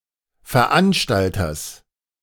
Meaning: genitive singular of Veranstalter
- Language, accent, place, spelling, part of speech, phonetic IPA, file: German, Germany, Berlin, Veranstalters, noun, [fɛɐ̯ˈʔanʃtaltɐs], De-Veranstalters.ogg